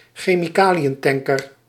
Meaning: chemical tanker
- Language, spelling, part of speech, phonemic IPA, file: Dutch, chemicaliëntanker, noun, /xeː.miˈkaː.li.ə(n)ˌtɛŋ.kər/, Nl-chemicaliëntanker.ogg